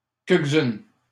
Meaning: feminine of quelques-uns
- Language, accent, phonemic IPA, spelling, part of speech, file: French, Canada, /kɛl.k(ə).z‿yn/, quelques-unes, pronoun, LL-Q150 (fra)-quelques-unes.wav